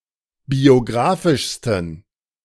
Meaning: 1. superlative degree of biographisch 2. inflection of biographisch: strong genitive masculine/neuter singular superlative degree
- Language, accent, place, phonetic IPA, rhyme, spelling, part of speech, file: German, Germany, Berlin, [bioˈɡʁaːfɪʃstn̩], -aːfɪʃstn̩, biographischsten, adjective, De-biographischsten.ogg